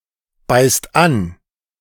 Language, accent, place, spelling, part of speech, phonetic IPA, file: German, Germany, Berlin, beißt an, verb, [ˌbaɪ̯st ˈan], De-beißt an.ogg
- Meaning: inflection of anbeißen: 1. second-person plural present 2. plural imperative